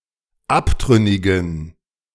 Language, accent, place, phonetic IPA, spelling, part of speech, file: German, Germany, Berlin, [ˈaptʁʏnɪɡn̩], abtrünnigen, adjective, De-abtrünnigen.ogg
- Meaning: inflection of abtrünnig: 1. strong genitive masculine/neuter singular 2. weak/mixed genitive/dative all-gender singular 3. strong/weak/mixed accusative masculine singular 4. strong dative plural